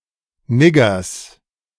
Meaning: genitive singular of Nigger
- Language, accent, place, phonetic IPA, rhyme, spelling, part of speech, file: German, Germany, Berlin, [ˈnɪɡɐs], -ɪɡɐs, Niggers, noun, De-Niggers.ogg